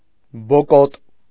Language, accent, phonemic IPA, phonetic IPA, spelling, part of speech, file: Armenian, Eastern Armenian, /boˈkot/, [bokót], բոկոտ, adjective, Hy-բոկոտ.ogg
- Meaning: alternative form of բոկոտն (bokotn)